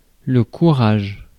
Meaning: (noun) courage; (interjection) chin up! keep going! take heart!
- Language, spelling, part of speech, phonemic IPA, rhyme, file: French, courage, noun / interjection, /ku.ʁaʒ/, -aʒ, Fr-courage.ogg